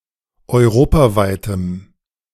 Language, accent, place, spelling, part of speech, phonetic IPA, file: German, Germany, Berlin, europaweitem, adjective, [ɔɪ̯ˈʁoːpaˌvaɪ̯təm], De-europaweitem.ogg
- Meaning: strong dative masculine/neuter singular of europaweit